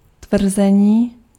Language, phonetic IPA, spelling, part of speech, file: Czech, [ˈtvr̩zɛɲiː], tvrzení, noun, Cs-tvrzení.ogg
- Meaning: 1. verbal noun of tvrdit 2. assertion 3. allegation